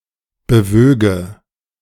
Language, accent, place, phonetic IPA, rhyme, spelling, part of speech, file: German, Germany, Berlin, [bəˈvøːɡə], -øːɡə, bewöge, verb, De-bewöge.ogg
- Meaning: first/third-person singular subjunctive II of bewegen